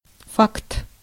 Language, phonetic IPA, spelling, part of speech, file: Russian, [fakt], факт, noun, Ru-факт.ogg
- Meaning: 1. fact 2. fait accompli